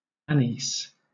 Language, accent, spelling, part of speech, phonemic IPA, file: English, Southern England, anise, noun, /ˈæn.ɪs/, LL-Q1860 (eng)-anise.wav
- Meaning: An umbelliferous plant (Pimpinella anisum) growing naturally in Egypt, and cultivated in Spain, Malta, etc., for its carminative and aromatic seeds, which are used as a spice. It has a licorice scent